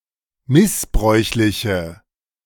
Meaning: inflection of missbräuchlich: 1. strong/mixed nominative/accusative feminine singular 2. strong nominative/accusative plural 3. weak nominative all-gender singular
- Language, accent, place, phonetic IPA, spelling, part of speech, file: German, Germany, Berlin, [ˈmɪsˌbʁɔɪ̯çlɪçə], missbräuchliche, adjective, De-missbräuchliche.ogg